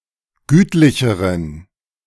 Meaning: inflection of gütlich: 1. strong genitive masculine/neuter singular comparative degree 2. weak/mixed genitive/dative all-gender singular comparative degree
- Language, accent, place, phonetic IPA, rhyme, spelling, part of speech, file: German, Germany, Berlin, [ˈɡyːtlɪçəʁən], -yːtlɪçəʁən, gütlicheren, adjective, De-gütlicheren.ogg